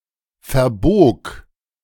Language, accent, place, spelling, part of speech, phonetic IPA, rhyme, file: German, Germany, Berlin, verbog, verb, [fɛɐ̯ˈboːk], -oːk, De-verbog.ogg
- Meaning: first/third-person singular preterite of verbiegen